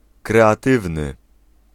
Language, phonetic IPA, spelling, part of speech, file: Polish, [ˌkrɛaˈtɨvnɨ], kreatywny, adjective, Pl-kreatywny.ogg